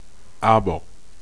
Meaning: an objection, a but
- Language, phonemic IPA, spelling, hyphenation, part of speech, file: German, /ˈaːbɐ/, Aber, Aber, noun, De-Aber.ogg